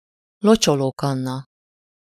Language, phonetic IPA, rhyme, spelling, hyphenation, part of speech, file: Hungarian, [ˈlot͡ʃoloːkɒnːɒ], -nɒ, locsolókanna, lo‧cso‧ló‧kan‧na, noun, Hu-locsolókanna.ogg
- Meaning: watering can (utensil for watering plants)